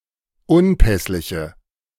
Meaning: inflection of unpässlich: 1. strong/mixed nominative/accusative feminine singular 2. strong nominative/accusative plural 3. weak nominative all-gender singular
- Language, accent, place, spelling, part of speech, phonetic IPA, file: German, Germany, Berlin, unpässliche, adjective, [ˈʊnˌpɛslɪçə], De-unpässliche.ogg